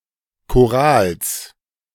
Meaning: genitive singular of Choral
- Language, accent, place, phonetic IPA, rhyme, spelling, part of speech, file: German, Germany, Berlin, [koˈʁaːls], -aːls, Chorals, noun, De-Chorals.ogg